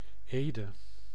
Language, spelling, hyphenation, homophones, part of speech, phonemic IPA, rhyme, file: Dutch, Ede, Ede, Eede, proper noun, /ˈeː.də/, -eːdə, Nl-Ede.ogg
- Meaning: Ede (a city and municipality of Gelderland, Netherlands)